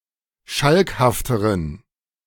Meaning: inflection of schalkhaft: 1. strong genitive masculine/neuter singular comparative degree 2. weak/mixed genitive/dative all-gender singular comparative degree
- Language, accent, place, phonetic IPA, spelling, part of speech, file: German, Germany, Berlin, [ˈʃalkhaftəʁən], schalkhafteren, adjective, De-schalkhafteren.ogg